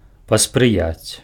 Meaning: to assist
- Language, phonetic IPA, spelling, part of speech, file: Belarusian, [pasprɨˈjat͡sʲ], паспрыяць, verb, Be-паспрыяць.ogg